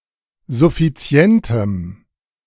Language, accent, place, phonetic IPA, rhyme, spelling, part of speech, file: German, Germany, Berlin, [zʊfiˈt͡si̯ɛntəm], -ɛntəm, suffizientem, adjective, De-suffizientem.ogg
- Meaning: strong dative masculine/neuter singular of suffizient